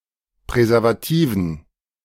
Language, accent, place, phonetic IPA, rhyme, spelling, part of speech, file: German, Germany, Berlin, [pʁɛzɛʁvaˈtiːvn̩], -iːvn̩, Präservativen, noun, De-Präservativen.ogg
- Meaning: dative plural of Präservativ